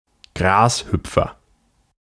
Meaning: grasshopper
- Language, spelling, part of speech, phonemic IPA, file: German, Grashüpfer, noun, /ˈɡʁaːsˌhʏpfɐ/, De-Grashüpfer.ogg